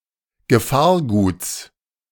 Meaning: genitive singular of Gefahrgut
- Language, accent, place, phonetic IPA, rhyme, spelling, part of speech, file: German, Germany, Berlin, [ɡəˈfaːɐ̯ˌɡuːt͡s], -aːɐ̯ɡuːt͡s, Gefahrguts, noun, De-Gefahrguts.ogg